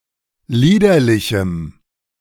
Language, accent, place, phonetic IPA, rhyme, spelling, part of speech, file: German, Germany, Berlin, [ˈliːdɐlɪçm̩], -iːdɐlɪçm̩, liederlichem, adjective, De-liederlichem.ogg
- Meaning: strong dative masculine/neuter singular of liederlich